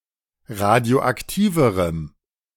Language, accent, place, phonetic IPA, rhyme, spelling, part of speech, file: German, Germany, Berlin, [ˌʁadi̯oʔakˈtiːvəʁəm], -iːvəʁəm, radioaktiverem, adjective, De-radioaktiverem.ogg
- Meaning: strong dative masculine/neuter singular comparative degree of radioaktiv